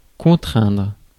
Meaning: 1. to constrain 2. to compel; force
- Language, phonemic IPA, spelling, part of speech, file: French, /kɔ̃.tʁɛ̃dʁ/, contraindre, verb, Fr-contraindre.ogg